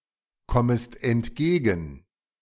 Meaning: second-person singular subjunctive I of entgegenkommen
- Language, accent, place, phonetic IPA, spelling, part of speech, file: German, Germany, Berlin, [ˌkɔməst ɛntˈɡeːɡn̩], kommest entgegen, verb, De-kommest entgegen.ogg